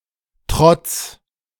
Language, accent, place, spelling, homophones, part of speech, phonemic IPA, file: German, Germany, Berlin, trotz, Trotts, preposition / verb, /trɔts/, De-trotz.ogg
- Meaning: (preposition) in spite of, despite; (verb) second-person singular imperative of trotzen